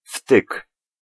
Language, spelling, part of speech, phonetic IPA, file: Polish, wtyk, noun, [ftɨk], Pl-wtyk.ogg